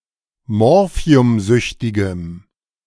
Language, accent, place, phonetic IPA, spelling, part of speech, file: German, Germany, Berlin, [ˈmɔʁfi̯ʊmˌzʏçtɪɡəm], morphiumsüchtigem, adjective, De-morphiumsüchtigem.ogg
- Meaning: strong dative masculine/neuter singular of morphiumsüchtig